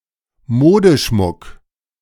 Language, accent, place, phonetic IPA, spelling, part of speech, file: German, Germany, Berlin, [ˈmoːdəˌʃmʊk], Modeschmuck, noun, De-Modeschmuck.ogg
- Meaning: costume jewellery, fashion jewelry